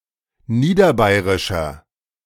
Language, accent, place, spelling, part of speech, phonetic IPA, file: German, Germany, Berlin, niederbayerischer, adjective, [ˈniːdɐˌbaɪ̯ʁɪʃɐ], De-niederbayerischer.ogg
- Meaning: inflection of niederbayerisch: 1. strong/mixed nominative masculine singular 2. strong genitive/dative feminine singular 3. strong genitive plural